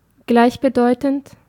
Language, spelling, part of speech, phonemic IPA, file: German, gleichbedeutend, adjective, /ˈɡlaɪ̯çbəˌdɔɪ̯tn̩t/, De-gleichbedeutend.ogg
- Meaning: synonymous